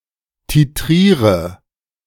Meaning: inflection of titrieren: 1. first-person singular present 2. first/third-person singular subjunctive I 3. singular imperative
- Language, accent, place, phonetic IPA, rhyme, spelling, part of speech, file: German, Germany, Berlin, [tiˈtʁiːʁə], -iːʁə, titriere, verb, De-titriere.ogg